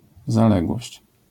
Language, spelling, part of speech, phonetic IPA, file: Polish, zaległość, noun, [zaˈlɛɡwɔɕt͡ɕ], LL-Q809 (pol)-zaległość.wav